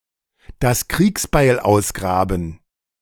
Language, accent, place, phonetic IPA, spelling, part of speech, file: German, Germany, Berlin, [das ˈkʁiːksbaɪ̯l ˈaʊ̯sˌɡʁaːbn̩], das Kriegsbeil ausgraben, phrase, De-das Kriegsbeil ausgraben.ogg
- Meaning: to dig up the hatchet